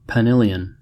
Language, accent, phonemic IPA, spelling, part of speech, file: English, US, /pəˈnɪljən/, penillion, noun, En-us-penillion.ogg
- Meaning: 1. The art of vocal improvisation, with a singer or small choir singing a countermelody over a harp melody; it is an important competition in eisteddfodau 2. plural of penill 3. plural of pennill